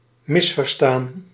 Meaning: 1. to misunderstand (language, words; hear incorrectly) 2. to misunderstand, misapprehend (an idea)
- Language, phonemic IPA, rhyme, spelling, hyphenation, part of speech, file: Dutch, /ˈmɪs.vər.staːn/, -aːn, misverstaan, mis‧ver‧staan, verb, Nl-misverstaan.ogg